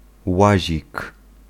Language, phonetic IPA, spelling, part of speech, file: Polish, [ˈwaʑik], łazik, noun, Pl-łazik.ogg